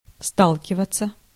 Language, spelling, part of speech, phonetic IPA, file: Russian, сталкиваться, verb, [ˈstaɫkʲɪvət͡sə], Ru-сталкиваться.ogg
- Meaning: 1. to collide (with), to run (into), to bump (into), to come across (with) (с - with) 2. to face, to be confronted with 3. passive of ста́лкивать (stálkivatʹ)